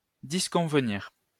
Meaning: 1. to disagree 2. to be inappropriate; to be unsuitable
- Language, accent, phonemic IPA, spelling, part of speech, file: French, France, /dis.kɔ̃v.niʁ/, disconvenir, verb, LL-Q150 (fra)-disconvenir.wav